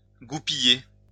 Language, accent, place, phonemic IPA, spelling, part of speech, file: French, France, Lyon, /ɡu.pi.je/, goupiller, verb, LL-Q150 (fra)-goupiller.wav
- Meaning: 1. to pin (together) 2. to arrange 3. to turn out